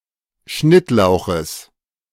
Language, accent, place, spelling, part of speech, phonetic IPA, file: German, Germany, Berlin, Schnittlauches, noun, [ˈʃnɪtˌlaʊ̯xəs], De-Schnittlauches.ogg
- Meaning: genitive of Schnittlauch